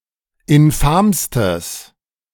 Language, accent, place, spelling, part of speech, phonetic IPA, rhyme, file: German, Germany, Berlin, infamstes, adjective, [ɪnˈfaːmstəs], -aːmstəs, De-infamstes.ogg
- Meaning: strong/mixed nominative/accusative neuter singular superlative degree of infam